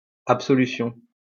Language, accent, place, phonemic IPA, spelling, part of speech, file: French, France, Lyon, /ap.sɔ.ly.sjɔ̃/, absolution, noun, LL-Q150 (fra)-absolution.wav
- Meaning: 1. absolution (from sins or wrongs) 2. acquittal, absolution